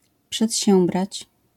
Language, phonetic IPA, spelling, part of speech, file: Polish, [pʃɛtʲˈɕɛ̃mbrat͡ɕ], przedsiębrać, verb, LL-Q809 (pol)-przedsiębrać.wav